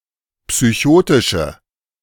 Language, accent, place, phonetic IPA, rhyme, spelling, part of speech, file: German, Germany, Berlin, [psyˈçoːtɪʃə], -oːtɪʃə, psychotische, adjective, De-psychotische.ogg
- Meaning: inflection of psychotisch: 1. strong/mixed nominative/accusative feminine singular 2. strong nominative/accusative plural 3. weak nominative all-gender singular